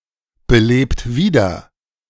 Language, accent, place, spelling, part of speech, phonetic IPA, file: German, Germany, Berlin, belebt wieder, verb, [bəˌleːpt ˈviːdɐ], De-belebt wieder.ogg
- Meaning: inflection of wiederbeleben: 1. second-person plural present 2. third-person singular present 3. plural imperative